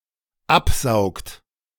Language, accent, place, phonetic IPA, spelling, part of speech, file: German, Germany, Berlin, [ˈapˌzaʊ̯kt], absaugt, verb, De-absaugt.ogg
- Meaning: inflection of absaugen: 1. third-person singular dependent present 2. second-person plural dependent present